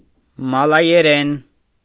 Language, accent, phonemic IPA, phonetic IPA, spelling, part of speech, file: Armenian, Eastern Armenian, /mɑlɑjeˈɾen/, [mɑlɑjeɾén], մալայերեն, noun, Hy-մալայերեն.ogg
- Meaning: Malay language